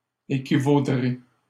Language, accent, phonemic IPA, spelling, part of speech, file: French, Canada, /e.ki.vo.dʁe/, équivaudrai, verb, LL-Q150 (fra)-équivaudrai.wav
- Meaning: first-person singular simple future of équivaloir